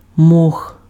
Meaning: moss
- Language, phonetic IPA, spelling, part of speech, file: Ukrainian, [mɔx], мох, noun, Uk-мох.ogg